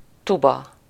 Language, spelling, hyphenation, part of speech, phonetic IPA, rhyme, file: Hungarian, tuba, tu‧ba, noun, [ˈtubɒ], -bɒ, Hu-tuba.ogg
- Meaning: tuba